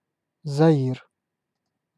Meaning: Zaire (former name of the Democratic Republic of the Congo: a country in Central Africa; used from 1971–1997)
- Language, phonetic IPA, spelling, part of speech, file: Russian, [zɐˈir], Заир, proper noun, Ru-Заир.ogg